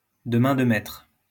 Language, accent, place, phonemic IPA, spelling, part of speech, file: French, France, Lyon, /də mɛ̃ d(ə) mɛtʁ/, de main de maitre, adverb, LL-Q150 (fra)-de main de maitre.wav
- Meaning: alternative spelling of de main de maître